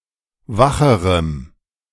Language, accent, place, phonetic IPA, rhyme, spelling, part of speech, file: German, Germany, Berlin, [ˈvaxəʁəm], -axəʁəm, wacherem, adjective, De-wacherem.ogg
- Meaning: strong dative masculine/neuter singular comparative degree of wach